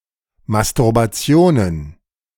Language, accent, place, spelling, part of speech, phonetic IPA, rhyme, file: German, Germany, Berlin, Masturbationen, noun, [mastʊʁbaˈt͡si̯oːnən], -oːnən, De-Masturbationen.ogg
- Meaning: plural of Masturbation